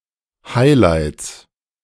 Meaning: 1. genitive of Highlight 2. plural of Highlight
- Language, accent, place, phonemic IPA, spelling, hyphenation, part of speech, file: German, Germany, Berlin, /ˈhaɪ̯laɪ̯ts/, Highlights, High‧lights, noun, De-Highlights.ogg